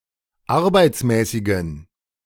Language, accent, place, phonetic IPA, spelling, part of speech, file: German, Germany, Berlin, [ˈaʁbaɪ̯t͡smɛːsɪɡn̩], arbeitsmäßigen, adjective, De-arbeitsmäßigen.ogg
- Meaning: inflection of arbeitsmäßig: 1. strong genitive masculine/neuter singular 2. weak/mixed genitive/dative all-gender singular 3. strong/weak/mixed accusative masculine singular 4. strong dative plural